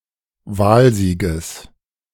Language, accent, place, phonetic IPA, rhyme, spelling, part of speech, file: German, Germany, Berlin, [ˈvaːlˌziːɡəs], -aːlziːɡəs, Wahlsieges, noun, De-Wahlsieges.ogg
- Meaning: genitive singular of Wahlsieg